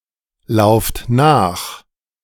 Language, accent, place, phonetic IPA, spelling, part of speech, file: German, Germany, Berlin, [ˌlaʊ̯ft ˈnaːx], lauft nach, verb, De-lauft nach.ogg
- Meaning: inflection of nachlaufen: 1. second-person plural present 2. plural imperative